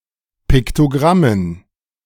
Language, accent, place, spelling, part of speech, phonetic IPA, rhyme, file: German, Germany, Berlin, Piktogrammen, noun, [ˌpɪktoˈɡʁamən], -amən, De-Piktogrammen.ogg
- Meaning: dative plural of Piktogramm